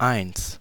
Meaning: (numeral) 1. one (numerical value represented by the Arabic numeral 1; first positive number in the set of natural numbers) 2. one, one o'clock
- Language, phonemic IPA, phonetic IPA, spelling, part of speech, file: German, /aɪ̯ns/, [ʔaɪ̯nt͡s], eins, numeral / pronoun / adverb, De-eins.ogg